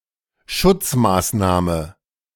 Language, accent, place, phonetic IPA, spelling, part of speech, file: German, Germany, Berlin, [ˈʃʊt͡smaːsˌnaːmə], Schutzmaßnahme, noun, De-Schutzmaßnahme.ogg
- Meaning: safeguard, precaution (safety measure)